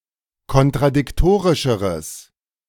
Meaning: strong/mixed nominative/accusative neuter singular comparative degree of kontradiktorisch
- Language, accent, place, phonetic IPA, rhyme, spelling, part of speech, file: German, Germany, Berlin, [kɔntʁadɪkˈtoːʁɪʃəʁəs], -oːʁɪʃəʁəs, kontradiktorischeres, adjective, De-kontradiktorischeres.ogg